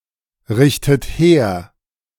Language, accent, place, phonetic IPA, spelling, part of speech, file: German, Germany, Berlin, [ˌʁɪçtət ˈheːɐ̯], richtet her, verb, De-richtet her.ogg
- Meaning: inflection of herrichten: 1. second-person plural present 2. second-person plural subjunctive I 3. third-person singular present 4. plural imperative